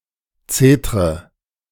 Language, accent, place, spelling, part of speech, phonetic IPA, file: German, Germany, Berlin, zetre, verb, [ˈt͡seːtʁə], De-zetre.ogg
- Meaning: inflection of zetern: 1. first-person singular present 2. first/third-person singular subjunctive I 3. singular imperative